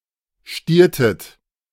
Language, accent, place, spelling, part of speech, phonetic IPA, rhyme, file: German, Germany, Berlin, stiertet, verb, [ˈʃtiːɐ̯tət], -iːɐ̯tət, De-stiertet.ogg
- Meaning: inflection of stieren: 1. second-person plural preterite 2. second-person plural subjunctive II